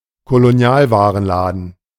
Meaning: 1. colonial goods shop (shop with goods imported from German or other European colonies) 2. grocery (regardless of the products' origin)
- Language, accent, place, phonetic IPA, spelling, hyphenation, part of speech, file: German, Germany, Berlin, [koloˈni̯aːlvaːʁənˌlaːdn̩], Kolonialwarenladen, Ko‧lo‧ni‧al‧wa‧ren‧la‧den, noun, De-Kolonialwarenladen.ogg